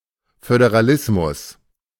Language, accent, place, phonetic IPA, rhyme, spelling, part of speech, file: German, Germany, Berlin, [fødeʁaˈlɪsmʊs], -ɪsmʊs, Föderalismus, noun, De-Föderalismus.ogg
- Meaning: federalism